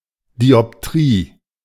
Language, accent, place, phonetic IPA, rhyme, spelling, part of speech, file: German, Germany, Berlin, [diɔpˈtʁiː], -iː, Dioptrie, noun, De-Dioptrie.ogg
- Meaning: diopter